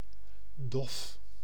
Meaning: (adjective) 1. dull, matte 2. dull, muffled 3. languid, apathetic; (noun) a dull impact; a slam, a pound, a blow
- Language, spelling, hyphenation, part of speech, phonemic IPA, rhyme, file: Dutch, dof, dof, adjective / noun, /dɔf/, -ɔf, Nl-dof.ogg